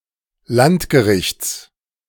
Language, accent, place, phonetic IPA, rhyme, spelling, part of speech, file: German, Germany, Berlin, [ˈlantɡəˌʁɪçt͡s], -antɡəʁɪçt͡s, Landgerichts, noun, De-Landgerichts.ogg
- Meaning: genitive singular of Landgericht